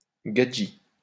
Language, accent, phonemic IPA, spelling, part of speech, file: French, France, /ɡa.dʒi/, gadji, noun, LL-Q150 (fra)-gadji.wav
- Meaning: female equivalent of gadjo